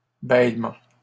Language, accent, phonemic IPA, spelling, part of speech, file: French, Canada, /bɛl.mɑ̃/, bêlements, noun, LL-Q150 (fra)-bêlements.wav
- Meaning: plural of bêlement